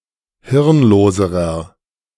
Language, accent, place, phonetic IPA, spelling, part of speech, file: German, Germany, Berlin, [ˈhɪʁnˌloːzəʁɐ], hirnloserer, adjective, De-hirnloserer.ogg
- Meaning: inflection of hirnlos: 1. strong/mixed nominative masculine singular comparative degree 2. strong genitive/dative feminine singular comparative degree 3. strong genitive plural comparative degree